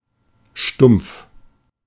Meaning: 1. dull, blunt 2. flat (as opposed to pointy) 3. obtuse 4. boring, dull, formulaic, dumb
- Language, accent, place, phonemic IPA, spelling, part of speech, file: German, Germany, Berlin, /ʃtʊm(p)f/, stumpf, adjective, De-stumpf.ogg